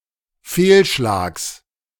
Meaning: genitive singular of Fehlschlag
- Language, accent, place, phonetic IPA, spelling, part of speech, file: German, Germany, Berlin, [ˈfeːlˌʃlaːks], Fehlschlags, noun, De-Fehlschlags.ogg